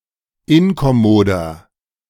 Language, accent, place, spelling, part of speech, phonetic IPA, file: German, Germany, Berlin, inkommoder, adjective, [ˈɪnkɔˌmoːdɐ], De-inkommoder.ogg
- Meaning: inflection of inkommod: 1. strong/mixed nominative masculine singular 2. strong genitive/dative feminine singular 3. strong genitive plural